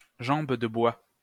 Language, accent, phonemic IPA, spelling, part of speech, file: French, France, /ʒɑ̃b də bwa/, jambe de bois, noun, LL-Q150 (fra)-jambe de bois.wav
- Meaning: 1. a peg-leg, a wooden leg 2. a knee blow to the thigh